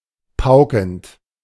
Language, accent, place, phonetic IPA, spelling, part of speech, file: German, Germany, Berlin, [ˈpaʊ̯kn̩t], paukend, verb, De-paukend.ogg
- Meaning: present participle of pauken